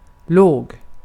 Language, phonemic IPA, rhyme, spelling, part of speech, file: Swedish, /loːɡ/, -oːɡ, låg, adjective / verb, Sv-låg.ogg
- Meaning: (adjective) 1. low, short; having a small height 2. low, at a low height 3. low, small (amount, quantity, value, etc.) 4. low-pitched, deep 5. of low status, esteem, etc 6. of low moral or ethics